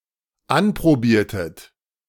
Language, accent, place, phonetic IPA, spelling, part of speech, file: German, Germany, Berlin, [ˈanpʁoˌbiːɐ̯tət], anprobiertet, verb, De-anprobiertet.ogg
- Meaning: inflection of anprobieren: 1. second-person plural dependent preterite 2. second-person plural dependent subjunctive II